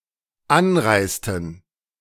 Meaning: inflection of anreisen: 1. first/third-person plural dependent preterite 2. first/third-person plural dependent subjunctive II
- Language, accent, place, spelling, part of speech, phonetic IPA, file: German, Germany, Berlin, anreisten, verb, [ˈanˌʁaɪ̯stn̩], De-anreisten.ogg